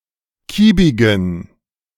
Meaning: inflection of kiebig: 1. strong genitive masculine/neuter singular 2. weak/mixed genitive/dative all-gender singular 3. strong/weak/mixed accusative masculine singular 4. strong dative plural
- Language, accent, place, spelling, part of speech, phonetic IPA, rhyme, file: German, Germany, Berlin, kiebigen, adjective, [ˈkiːbɪɡn̩], -iːbɪɡn̩, De-kiebigen.ogg